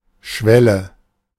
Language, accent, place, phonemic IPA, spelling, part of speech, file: German, Germany, Berlin, /ˈʃvɛlə/, Schwelle, noun, De-Schwelle.ogg
- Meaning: 1. threshold 2. ellipsis of Bahnschwelle: railroad tie, railway sleeper